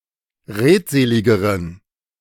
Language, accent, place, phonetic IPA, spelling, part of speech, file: German, Germany, Berlin, [ˈʁeːtˌzeːlɪɡəʁən], redseligeren, adjective, De-redseligeren.ogg
- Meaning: inflection of redselig: 1. strong genitive masculine/neuter singular comparative degree 2. weak/mixed genitive/dative all-gender singular comparative degree